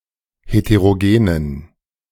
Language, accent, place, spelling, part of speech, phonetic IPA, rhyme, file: German, Germany, Berlin, heterogenen, adjective, [heteʁoˈɡeːnən], -eːnən, De-heterogenen.ogg
- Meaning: inflection of heterogen: 1. strong genitive masculine/neuter singular 2. weak/mixed genitive/dative all-gender singular 3. strong/weak/mixed accusative masculine singular 4. strong dative plural